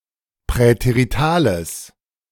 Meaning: strong/mixed nominative/accusative neuter singular of präterital
- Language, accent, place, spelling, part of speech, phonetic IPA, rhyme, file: German, Germany, Berlin, präteritales, adjective, [pʁɛteʁiˈtaːləs], -aːləs, De-präteritales.ogg